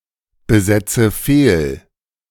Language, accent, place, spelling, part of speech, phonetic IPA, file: German, Germany, Berlin, besetze fehl, verb, [bəˌzɛt͡sə ˈfeːl], De-besetze fehl.ogg
- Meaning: inflection of fehlbesetzen: 1. first-person singular present 2. first/third-person singular subjunctive I 3. singular imperative